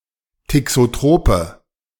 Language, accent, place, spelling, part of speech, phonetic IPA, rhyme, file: German, Germany, Berlin, thixotrope, adjective, [tɪksoˈtʁoːpə], -oːpə, De-thixotrope.ogg
- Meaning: inflection of thixotrop: 1. strong/mixed nominative/accusative feminine singular 2. strong nominative/accusative plural 3. weak nominative all-gender singular